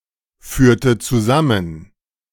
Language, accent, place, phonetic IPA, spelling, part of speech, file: German, Germany, Berlin, [ˌfyːɐ̯tə t͡suˈzamən], führte zusammen, verb, De-führte zusammen.ogg
- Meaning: inflection of zusammenführen: 1. first/third-person singular preterite 2. first/third-person singular subjunctive II